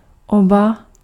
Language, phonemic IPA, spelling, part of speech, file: Czech, /oba/, oba, pronoun, Cs-oba.ogg
- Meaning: both